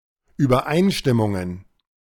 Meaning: plural of Übereinstimmung
- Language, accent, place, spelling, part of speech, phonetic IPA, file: German, Germany, Berlin, Übereinstimmungen, noun, [yːbɐˈʔaɪ̯nʃtɪmʊŋən], De-Übereinstimmungen.ogg